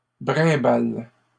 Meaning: second-person singular present indicative/subjunctive of brimbaler
- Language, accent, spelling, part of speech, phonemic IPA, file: French, Canada, brimbales, verb, /bʁɛ̃.bal/, LL-Q150 (fra)-brimbales.wav